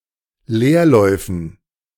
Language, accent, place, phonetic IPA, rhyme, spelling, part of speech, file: German, Germany, Berlin, [ˈleːɐ̯ˌlɔɪ̯fn̩], -eːɐ̯lɔɪ̯fn̩, Leerläufen, noun, De-Leerläufen.ogg
- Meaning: dative plural of Leerlauf